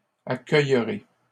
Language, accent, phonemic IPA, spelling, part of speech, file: French, Canada, /a.kœj.ʁe/, accueillerez, verb, LL-Q150 (fra)-accueillerez.wav
- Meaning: second-person plural future of accueillir